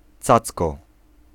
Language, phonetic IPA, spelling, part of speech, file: Polish, [ˈt͡sat͡skɔ], cacko, noun, Pl-cacko.ogg